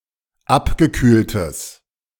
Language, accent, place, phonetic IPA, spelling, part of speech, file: German, Germany, Berlin, [ˈapɡəˌkyːltəs], abgekühltes, adjective, De-abgekühltes.ogg
- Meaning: strong/mixed nominative/accusative neuter singular of abgekühlt